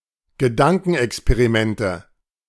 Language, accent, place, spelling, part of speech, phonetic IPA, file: German, Germany, Berlin, Gedankenexperimente, noun, [ɡəˈdaŋkn̩ʔɛkspeʁiˌmɛntə], De-Gedankenexperimente.ogg
- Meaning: nominative/accusative/genitive plural of Gedankenexperiment